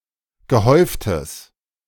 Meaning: strong/mixed nominative/accusative neuter singular of gehäuft
- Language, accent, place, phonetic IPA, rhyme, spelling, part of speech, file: German, Germany, Berlin, [ɡəˈhɔɪ̯ftəs], -ɔɪ̯ftəs, gehäuftes, adjective, De-gehäuftes.ogg